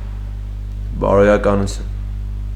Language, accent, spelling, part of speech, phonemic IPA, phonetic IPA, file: Armenian, Eastern Armenian, բարոյականություն, noun, /bɑɾojɑkɑnuˈtʰjun/, [bɑɾojɑkɑnut͡sʰjún], Hy-բարոյականություն.ogg
- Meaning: morality, ethics